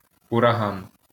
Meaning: hurricane
- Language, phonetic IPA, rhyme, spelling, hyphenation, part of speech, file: Ukrainian, [ʊrɐˈɦan], -an, ураган, ура‧ган, noun, LL-Q8798 (ukr)-ураган.wav